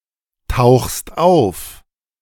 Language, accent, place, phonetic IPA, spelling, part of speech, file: German, Germany, Berlin, [ˌtaʊ̯xst ˈaʊ̯f], tauchst auf, verb, De-tauchst auf.ogg
- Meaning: second-person singular present of auftauchen